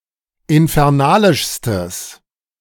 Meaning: strong/mixed nominative/accusative neuter singular superlative degree of infernalisch
- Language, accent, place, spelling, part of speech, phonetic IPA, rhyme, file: German, Germany, Berlin, infernalischstes, adjective, [ɪnfɛʁˈnaːlɪʃstəs], -aːlɪʃstəs, De-infernalischstes.ogg